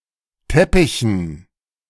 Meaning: dative plural of Teppich
- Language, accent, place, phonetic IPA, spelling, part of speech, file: German, Germany, Berlin, [ˈtɛpɪçn̩], Teppichen, noun, De-Teppichen.ogg